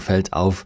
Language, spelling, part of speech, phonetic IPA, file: German, fällt auf, verb, [ˌfɛlt ˈaʊ̯f], De-fällt auf.ogg
- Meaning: third-person singular present of auffallen